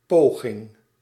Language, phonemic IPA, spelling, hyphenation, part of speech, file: Dutch, /ˈpoː.ɣɪŋ/, poging, po‧ging, noun, Nl-poging.ogg
- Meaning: attempt